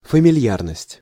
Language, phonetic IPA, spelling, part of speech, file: Russian, [fəmʲɪˈlʲjarnəsʲtʲ], фамильярность, noun, Ru-фамильярность.ogg
- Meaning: familiarity, unceremoniousness